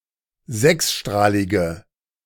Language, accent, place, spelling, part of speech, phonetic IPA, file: German, Germany, Berlin, sechsstrahlige, adjective, [ˈzɛksˌʃtʁaːlɪɡə], De-sechsstrahlige.ogg
- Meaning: inflection of sechsstrahlig: 1. strong/mixed nominative/accusative feminine singular 2. strong nominative/accusative plural 3. weak nominative all-gender singular